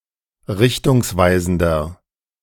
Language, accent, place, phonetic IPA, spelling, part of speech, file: German, Germany, Berlin, [ˈʁɪçtʊŋsˌvaɪ̯zn̩dɐ], richtungsweisender, adjective, De-richtungsweisender.ogg
- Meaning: 1. comparative degree of richtungsweisend 2. inflection of richtungsweisend: strong/mixed nominative masculine singular 3. inflection of richtungsweisend: strong genitive/dative feminine singular